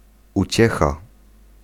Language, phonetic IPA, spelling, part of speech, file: Polish, [uˈt͡ɕɛxa], uciecha, noun, Pl-uciecha.ogg